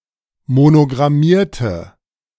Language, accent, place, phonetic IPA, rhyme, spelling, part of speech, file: German, Germany, Berlin, [monoɡʁaˈmiːɐ̯tə], -iːɐ̯tə, monogrammierte, adjective / verb, De-monogrammierte.ogg
- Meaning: inflection of monogrammieren: 1. first/third-person singular preterite 2. first/third-person singular subjunctive II